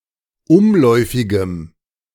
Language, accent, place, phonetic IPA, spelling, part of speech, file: German, Germany, Berlin, [ˈʊmˌlɔɪ̯fɪɡəm], umläufigem, adjective, De-umläufigem.ogg
- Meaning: strong dative masculine/neuter singular of umläufig